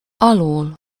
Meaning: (postposition) from under, from below; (adverb) alternative form of alul
- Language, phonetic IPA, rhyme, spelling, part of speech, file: Hungarian, [ˈɒloːl], -oːl, alól, postposition / adverb, Hu-alól.ogg